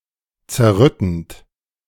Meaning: present participle of zerrütten
- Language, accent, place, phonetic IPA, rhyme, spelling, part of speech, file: German, Germany, Berlin, [t͡sɛɐ̯ˈʁʏtn̩t], -ʏtn̩t, zerrüttend, verb, De-zerrüttend.ogg